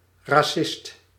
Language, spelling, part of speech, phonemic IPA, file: Dutch, racist, noun, /rɑˈsɪst/, Nl-racist.ogg
- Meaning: racist